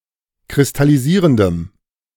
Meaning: strong dative masculine/neuter singular of kristallisierend
- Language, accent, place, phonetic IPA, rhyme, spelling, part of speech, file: German, Germany, Berlin, [kʁɪstaliˈziːʁəndəm], -iːʁəndəm, kristallisierendem, adjective, De-kristallisierendem.ogg